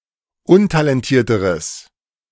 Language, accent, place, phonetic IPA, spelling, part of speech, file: German, Germany, Berlin, [ˈʊntalɛnˌtiːɐ̯təʁəs], untalentierteres, adjective, De-untalentierteres.ogg
- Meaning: strong/mixed nominative/accusative neuter singular comparative degree of untalentiert